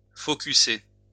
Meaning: to focus
- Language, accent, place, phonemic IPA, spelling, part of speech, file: French, France, Lyon, /fɔ.ky.se/, focusser, verb, LL-Q150 (fra)-focusser.wav